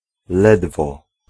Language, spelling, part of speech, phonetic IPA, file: Polish, ledwo, adverb / conjunction / particle, [ˈlɛdvɔ], Pl-ledwo.ogg